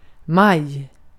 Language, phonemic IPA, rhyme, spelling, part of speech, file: Swedish, /maj/, -aj, maj, noun, Sv-maj.ogg
- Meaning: May (month)